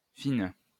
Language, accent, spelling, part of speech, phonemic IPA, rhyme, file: French, France, fine, adjective / noun, /fin/, -in, LL-Q150 (fra)-fine.wav
- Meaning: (adjective) feminine singular of fin; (noun) 1. thin space, non-breakable space 2. a number of high grade French brandies (usually AOC certified)